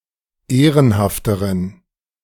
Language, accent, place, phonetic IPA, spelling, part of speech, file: German, Germany, Berlin, [ˈeːʁənhaftəʁən], ehrenhafteren, adjective, De-ehrenhafteren.ogg
- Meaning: inflection of ehrenhaft: 1. strong genitive masculine/neuter singular comparative degree 2. weak/mixed genitive/dative all-gender singular comparative degree